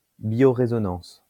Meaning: bioresonance
- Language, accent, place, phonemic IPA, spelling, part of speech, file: French, France, Lyon, /bjo.ʁe.zɔ.nɑ̃s/, biorésonance, noun, LL-Q150 (fra)-biorésonance.wav